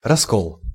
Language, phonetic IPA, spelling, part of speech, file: Russian, [rɐˈskoɫ], раскол, noun, Ru-раскол.ogg
- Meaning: 1. split, dissidence 2. cleavage 3. disunity 4. schism, dissent